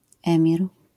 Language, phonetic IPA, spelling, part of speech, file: Polish, [ˈɛ̃mʲir], emir, noun, LL-Q809 (pol)-emir.wav